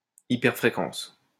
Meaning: microwave / superhigh frequency
- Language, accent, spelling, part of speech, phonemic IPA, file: French, France, hyperfréquence, noun, /i.pɛʁ.fʁe.kɑ̃s/, LL-Q150 (fra)-hyperfréquence.wav